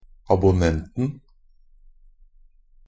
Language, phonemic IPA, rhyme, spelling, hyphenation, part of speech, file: Norwegian Bokmål, /abʊˈnɛntn̩/, -ɛntn̩, abonnenten, ab‧on‧nent‧en, noun, NB - Pronunciation of Norwegian Bokmål «abonnenten».ogg
- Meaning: definite singular of abonnent